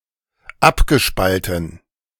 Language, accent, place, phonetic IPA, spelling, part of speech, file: German, Germany, Berlin, [ˈapɡəˌʃpaltn̩], abgespalten, verb, De-abgespalten.ogg
- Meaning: past participle of abspalten